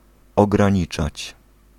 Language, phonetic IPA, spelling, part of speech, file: Polish, [ˌɔɡrãˈɲit͡ʃat͡ɕ], ograniczać, verb, Pl-ograniczać.ogg